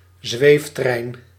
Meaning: a levitating train, in particular a maglev
- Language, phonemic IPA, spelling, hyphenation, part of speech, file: Dutch, /ˈzʋeːf.trɛi̯n/, zweeftrein, zweef‧trein, noun, Nl-zweeftrein.ogg